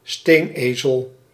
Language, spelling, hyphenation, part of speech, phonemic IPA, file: Dutch, steenezel, steen‧ezel, noun, /ˈsteːnˌeː.zəl/, Nl-steenezel.ogg
- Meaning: 1. ass, stupid person, especially one who won't learn 2. common donkey